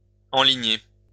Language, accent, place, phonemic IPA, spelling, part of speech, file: French, France, Lyon, /ɑ̃.li.ɲe/, enligner, verb, LL-Q150 (fra)-enligner.wav
- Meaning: 1. to align 2. to head for, to head towards